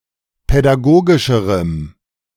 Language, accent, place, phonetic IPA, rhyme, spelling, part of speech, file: German, Germany, Berlin, [pɛdaˈɡoːɡɪʃəʁəm], -oːɡɪʃəʁəm, pädagogischerem, adjective, De-pädagogischerem.ogg
- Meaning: strong dative masculine/neuter singular comparative degree of pädagogisch